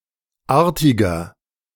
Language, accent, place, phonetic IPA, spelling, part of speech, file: German, Germany, Berlin, [ˈaːɐ̯tɪɡɐ], artiger, adjective, De-artiger.ogg
- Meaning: 1. comparative degree of artig 2. inflection of artig: strong/mixed nominative masculine singular 3. inflection of artig: strong genitive/dative feminine singular